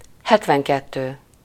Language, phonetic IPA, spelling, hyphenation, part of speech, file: Hungarian, [ˈhɛtvɛŋkɛtːøː], hetvenkettő, het‧ven‧ket‧tő, numeral, Hu-hetvenkettő.ogg
- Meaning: seventy-two